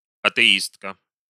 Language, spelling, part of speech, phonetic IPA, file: Russian, атеистка, noun, [ɐtɨˈistkə], Ru-атеистка.ogg
- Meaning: female equivalent of атеи́ст (atɛíst): female atheist (woman who rejects belief in the existence of deities)